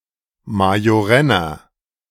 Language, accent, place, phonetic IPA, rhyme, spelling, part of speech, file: German, Germany, Berlin, [majoˈʁɛnɐ], -ɛnɐ, majorenner, adjective, De-majorenner.ogg
- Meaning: inflection of majorenn: 1. strong/mixed nominative masculine singular 2. strong genitive/dative feminine singular 3. strong genitive plural